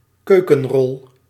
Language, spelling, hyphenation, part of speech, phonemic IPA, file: Dutch, keukenrol, keu‧ken‧rol, noun, /ˈkøː.kə(n)ˌrɔl/, Nl-keukenrol.ogg
- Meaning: kitchen paper